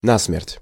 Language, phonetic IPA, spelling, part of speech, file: Russian, [ˈnasmʲɪrtʲ], насмерть, adverb, Ru-насмерть.ogg
- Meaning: alternative spelling of на́ смерть (ná smertʹ)